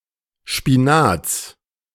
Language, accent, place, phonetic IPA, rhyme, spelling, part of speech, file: German, Germany, Berlin, [ˌʃpiˈnaːt͡s], -aːt͡s, Spinats, noun, De-Spinats.ogg
- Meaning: genitive of Spinat